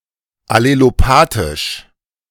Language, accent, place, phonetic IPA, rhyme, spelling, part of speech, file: German, Germany, Berlin, [aleloˈpaːtɪʃ], -aːtɪʃ, allelopathisch, adjective, De-allelopathisch.ogg
- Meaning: allelopathic